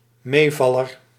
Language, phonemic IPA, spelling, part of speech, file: Dutch, /ˈmevɑlər/, meevaller, noun, Nl-meevaller.ogg
- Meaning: an outcome better than expected, a surprise, a relief